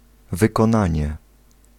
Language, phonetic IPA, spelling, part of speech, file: Polish, [ˌvɨkɔ̃ˈnãɲɛ], wykonanie, noun, Pl-wykonanie.ogg